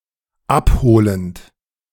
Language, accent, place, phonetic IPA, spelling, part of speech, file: German, Germany, Berlin, [ˈapˌhoːlənt], abholend, verb, De-abholend.ogg
- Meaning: present participle of abholen